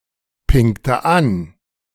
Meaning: inflection of anpingen: 1. first/third-person singular preterite 2. first/third-person singular subjunctive II
- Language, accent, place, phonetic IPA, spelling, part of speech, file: German, Germany, Berlin, [ˌpɪŋtə ˈan], pingte an, verb, De-pingte an.ogg